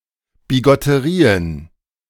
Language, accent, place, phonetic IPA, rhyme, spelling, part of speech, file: German, Germany, Berlin, [biɡɔtəˈʁiːən], -iːən, Bigotterien, noun, De-Bigotterien.ogg
- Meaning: plural of Bigotterie